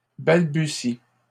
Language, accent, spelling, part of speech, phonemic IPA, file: French, Canada, balbutie, verb, /bal.by.si/, LL-Q150 (fra)-balbutie.wav
- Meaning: inflection of balbutier: 1. first/third-person singular present indicative/subjunctive 2. second-person singular imperative